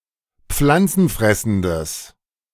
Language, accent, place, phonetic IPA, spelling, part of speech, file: German, Germany, Berlin, [ˈp͡flant͡sn̩ˌfʁɛsn̩dəs], pflanzenfressendes, adjective, De-pflanzenfressendes.ogg
- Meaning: strong/mixed nominative/accusative neuter singular of pflanzenfressend